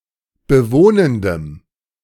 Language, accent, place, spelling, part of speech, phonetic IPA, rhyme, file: German, Germany, Berlin, bewohnendem, adjective, [bəˈvoːnəndəm], -oːnəndəm, De-bewohnendem.ogg
- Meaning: strong dative masculine/neuter singular of bewohnend